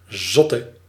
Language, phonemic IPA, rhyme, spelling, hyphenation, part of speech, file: Dutch, /ˈzɔtə/, -ɔtə, zotte, zot‧te, adjective, Nl-zotte.ogg
- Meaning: inflection of zot: 1. indefinite masculine and feminine singular 2. indefinite plural 3. definite